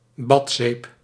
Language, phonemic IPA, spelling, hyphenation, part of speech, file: Dutch, /ˈbɑt.seːp/, badzeep, bad‧zeep, noun, Nl-badzeep.ogg
- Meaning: floating bath soap